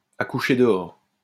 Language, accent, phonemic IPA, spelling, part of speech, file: French, France, /a ku.ʃe də.ɔʁ/, à coucher dehors, adjective, LL-Q150 (fra)-à coucher dehors.wav
- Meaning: difficult to pronounce, to write or to remember; jawbreaking, crackjaw